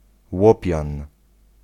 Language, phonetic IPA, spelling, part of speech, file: Polish, [ˈwɔpʲjãn], łopian, noun, Pl-łopian.ogg